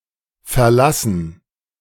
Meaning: gerund of verlassen
- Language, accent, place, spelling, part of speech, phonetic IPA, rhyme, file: German, Germany, Berlin, Verlassen, noun, [fɛɐ̯ˈlasn̩], -asn̩, De-Verlassen.ogg